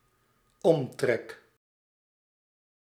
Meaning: 1. perimeter 2. circumference 3. outer line
- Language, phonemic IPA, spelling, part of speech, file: Dutch, /ˈɔmtrɛk/, omtrek, noun / verb, Nl-omtrek.ogg